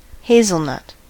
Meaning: 1. The fruit of the hazel, especially of species Corylus avellana, which is grown commercially 2. A light tan color inspired by the color of hazelnut
- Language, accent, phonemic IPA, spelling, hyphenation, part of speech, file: English, General American, /ˈheɪzəlˌnʌt/, hazelnut, haz‧el‧nut, noun, En-us-hazelnut.ogg